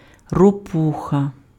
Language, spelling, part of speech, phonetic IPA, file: Ukrainian, ропуха, noun, [roˈpuxɐ], Uk-ропуха.ogg
- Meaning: toad